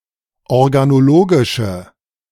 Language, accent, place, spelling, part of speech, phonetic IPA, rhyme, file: German, Germany, Berlin, organologische, adjective, [ɔʁɡanoˈloːɡɪʃə], -oːɡɪʃə, De-organologische.ogg
- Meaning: inflection of organologisch: 1. strong/mixed nominative/accusative feminine singular 2. strong nominative/accusative plural 3. weak nominative all-gender singular